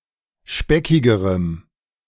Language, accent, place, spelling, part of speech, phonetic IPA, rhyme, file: German, Germany, Berlin, speckigerem, adjective, [ˈʃpɛkɪɡəʁəm], -ɛkɪɡəʁəm, De-speckigerem.ogg
- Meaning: strong dative masculine/neuter singular comparative degree of speckig